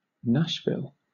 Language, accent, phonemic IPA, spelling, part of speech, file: English, Southern England, /ˈnæʃˌvɪl/, Nashville, proper noun / noun, LL-Q1860 (eng)-Nashville.wav
- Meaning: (proper noun) A number of places in the United States: 1. A city, the county seat of Davidson County, Tennessee 2. A city, the county seat of Davidson County, Tennessee.: The capital city of Tennessee